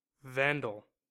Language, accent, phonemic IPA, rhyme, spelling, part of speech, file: English, US, /ˈvændəl/, -ændəl, vandal, noun, En-us-vandal.ogg
- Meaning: A person who needlessly destroys, defaces, or damages things, especially other people's property